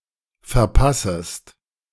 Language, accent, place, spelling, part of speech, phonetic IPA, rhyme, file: German, Germany, Berlin, verpassest, verb, [fɛɐ̯ˈpasəst], -asəst, De-verpassest.ogg
- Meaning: second-person singular subjunctive I of verpassen